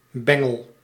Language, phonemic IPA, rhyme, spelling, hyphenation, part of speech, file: Dutch, /ˈbɛ.ŋəl/, -ɛŋəl, bengel, ben‧gel, noun, Nl-bengel.ogg
- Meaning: 1. a young rascal, a naughty to mischievous kid, usually a tomboy 2. a club, stick, bat 3. the clapper of a bell 4. the whole bell (metal struck idiophone) 5. an earring 6. a watch chain